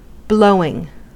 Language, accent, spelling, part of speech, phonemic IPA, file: English, US, blowing, verb / noun, /ˈbloʊ.ɪŋ/, En-us-blowing.ogg
- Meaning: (verb) present participle and gerund of blow; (noun) The act of one who blows, or that which blows